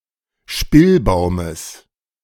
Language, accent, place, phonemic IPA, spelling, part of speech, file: German, Germany, Berlin, /ˈʃpɪlˌbaʊ̯məs/, Spillbaumes, noun, De-Spillbaumes.ogg
- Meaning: genitive singular of Spillbaum